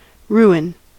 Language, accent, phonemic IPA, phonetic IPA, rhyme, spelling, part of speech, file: English, US, /ˈɹuː.ɪn/, [ˈɹuwɪn], -uːɪn, ruin, noun / verb, En-us-ruin.ogg
- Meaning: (noun) 1. The remains of a destroyed or dilapidated construction, such as a house or castle 2. The state of being a ruin, destroyed or decayed 3. Something that leads to serious trouble or destruction